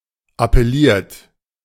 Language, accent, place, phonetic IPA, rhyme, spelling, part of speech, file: German, Germany, Berlin, [apɛˈliːɐ̯t], -iːɐ̯t, appelliert, verb, De-appelliert.ogg
- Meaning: 1. past participle of appellieren 2. inflection of appellieren: second-person plural present 3. inflection of appellieren: third-person singular present 4. inflection of appellieren: plural imperative